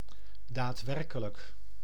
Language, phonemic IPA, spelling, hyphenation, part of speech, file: Dutch, /ˌdaːtˈʋɛr.kə.lək/, daadwerkelijk, daad‧wer‧ke‧lijk, adverb / adjective, Nl-daadwerkelijk.ogg
- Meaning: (adverb) effectively, actually; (adjective) actual